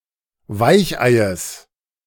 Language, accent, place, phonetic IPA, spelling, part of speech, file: German, Germany, Berlin, [ˈvaɪ̯çˌʔaɪ̯əs], Weicheies, noun, De-Weicheies.ogg
- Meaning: genitive singular of Weichei